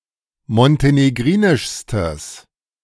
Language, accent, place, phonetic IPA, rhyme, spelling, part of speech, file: German, Germany, Berlin, [mɔnteneˈɡʁiːnɪʃstəs], -iːnɪʃstəs, montenegrinischstes, adjective, De-montenegrinischstes.ogg
- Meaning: strong/mixed nominative/accusative neuter singular superlative degree of montenegrinisch